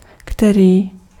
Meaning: 1. which 2. which, that (the one or ones that) 3. which (who; whom; what)
- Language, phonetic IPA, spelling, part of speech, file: Czech, [ˈktɛriː], který, pronoun, Cs-který.ogg